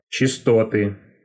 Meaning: genitive singular of чистота́ (čistotá)
- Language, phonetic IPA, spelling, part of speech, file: Russian, [t͡ɕɪstɐˈtɨ], чистоты, noun, Ru-чисто́ты.ogg